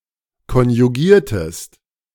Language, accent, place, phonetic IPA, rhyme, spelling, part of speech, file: German, Germany, Berlin, [kɔnjuˈɡiːɐ̯təst], -iːɐ̯təst, konjugiertest, verb, De-konjugiertest.ogg
- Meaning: inflection of konjugieren: 1. second-person singular preterite 2. second-person singular subjunctive II